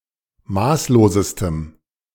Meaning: strong dative masculine/neuter singular superlative degree of maßlos
- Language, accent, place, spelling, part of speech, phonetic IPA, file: German, Germany, Berlin, maßlosestem, adjective, [ˈmaːsloːzəstəm], De-maßlosestem.ogg